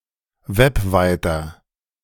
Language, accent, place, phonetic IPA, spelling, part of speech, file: German, Germany, Berlin, [ˈvɛpˌvaɪ̯tɐ], webweiter, adjective, De-webweiter.ogg
- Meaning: inflection of webweit: 1. strong/mixed nominative masculine singular 2. strong genitive/dative feminine singular 3. strong genitive plural